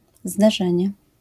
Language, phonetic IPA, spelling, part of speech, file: Polish, [zdɛˈʒɛ̃ɲɛ], zderzenie, noun, LL-Q809 (pol)-zderzenie.wav